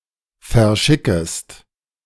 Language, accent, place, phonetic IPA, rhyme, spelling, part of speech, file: German, Germany, Berlin, [fɛɐ̯ˈʃɪkəst], -ɪkəst, verschickest, verb, De-verschickest.ogg
- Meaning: second-person singular subjunctive I of verschicken